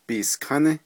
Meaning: on the next day
- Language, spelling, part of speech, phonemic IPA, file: Navajo, biiskání, adverb, /pìːskʰɑ́nɪ́/, Nv-biiskání.ogg